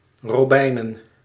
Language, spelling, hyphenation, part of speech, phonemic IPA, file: Dutch, robijnen, ro‧bij‧nen, adjective / noun, /roˈbɛinə(n)/, Nl-robijnen.ogg
- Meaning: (noun) plural of robijn; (adjective) 1. made of ruby 2. ruby (color/colour)